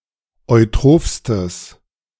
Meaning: strong/mixed nominative/accusative neuter singular superlative degree of eutroph
- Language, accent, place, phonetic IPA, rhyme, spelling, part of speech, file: German, Germany, Berlin, [ɔɪ̯ˈtʁoːfstəs], -oːfstəs, eutrophstes, adjective, De-eutrophstes.ogg